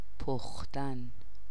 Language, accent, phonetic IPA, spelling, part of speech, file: Persian, Iran, [d̪æ.vɒ́ːt̪ʰ], دوات, noun, Fa-دوات.ogg
- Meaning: inkwell